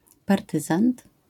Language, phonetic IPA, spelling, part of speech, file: Polish, [parˈtɨzãnt], partyzant, noun, LL-Q809 (pol)-partyzant.wav